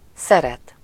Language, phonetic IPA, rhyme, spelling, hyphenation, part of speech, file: Hungarian, [ˈsɛrɛt], -ɛt, szeret, sze‧ret, verb, Hu-szeret.ogg
- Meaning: 1. to love 2. to like